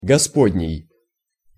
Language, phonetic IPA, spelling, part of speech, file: Russian, [ɡɐˈspodʲnʲɪj], господний, adjective, Ru-господний.ogg
- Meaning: God's, Lord's